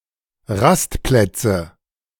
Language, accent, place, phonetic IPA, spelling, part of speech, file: German, Germany, Berlin, [ˈʁastˌplɛt͡sə], Rastplätze, noun, De-Rastplätze.ogg
- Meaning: nominative/accusative/genitive plural of Rastplatz